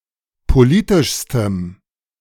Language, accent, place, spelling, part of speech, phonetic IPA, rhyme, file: German, Germany, Berlin, politischstem, adjective, [poˈliːtɪʃstəm], -iːtɪʃstəm, De-politischstem.ogg
- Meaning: strong dative masculine/neuter singular superlative degree of politisch